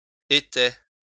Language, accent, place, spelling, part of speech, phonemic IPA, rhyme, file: French, France, Lyon, était, verb, /e.tɛ/, -ɛ, LL-Q150 (fra)-était.wav
- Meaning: third-person singular imperfect indicative of être